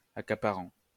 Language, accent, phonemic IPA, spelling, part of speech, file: French, France, /a.ka.pa.ʁɑ̃/, accaparant, verb, LL-Q150 (fra)-accaparant.wav
- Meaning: present participle of accaparer